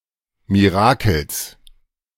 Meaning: genitive singular of Mirakel
- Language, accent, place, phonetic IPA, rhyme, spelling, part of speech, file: German, Germany, Berlin, [miˈʁaːkl̩s], -aːkl̩s, Mirakels, noun, De-Mirakels.ogg